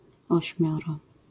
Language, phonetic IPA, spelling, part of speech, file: Polish, [ɔɕˈmʲjɔrɔ], ośmioro, numeral, LL-Q809 (pol)-ośmioro.wav